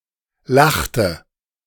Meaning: inflection of lachen: 1. first/third-person singular preterite 2. first/third-person singular subjunctive II
- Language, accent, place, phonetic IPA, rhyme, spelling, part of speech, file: German, Germany, Berlin, [ˈlaxtə], -axtə, lachte, verb, De-lachte.ogg